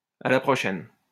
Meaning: see you later
- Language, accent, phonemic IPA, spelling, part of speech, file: French, France, /a la pʁɔ.ʃɛn/, à la prochaine, phrase, LL-Q150 (fra)-à la prochaine.wav